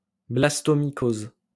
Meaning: blastomycosis
- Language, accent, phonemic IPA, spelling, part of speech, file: French, France, /blas.tɔ.mi.koz/, blastomycose, noun, LL-Q150 (fra)-blastomycose.wav